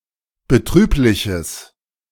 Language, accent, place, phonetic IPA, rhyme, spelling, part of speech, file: German, Germany, Berlin, [bəˈtʁyːplɪçəs], -yːplɪçəs, betrübliches, adjective, De-betrübliches.ogg
- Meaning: strong/mixed nominative/accusative neuter singular of betrüblich